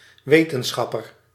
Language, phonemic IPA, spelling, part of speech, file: Dutch, /ˈʋeːtənˌsxɑpər/, wetenschapper, noun, Nl-wetenschapper.ogg
- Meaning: 1. scientist (one whose activities make use of the scientific method) 2. scholar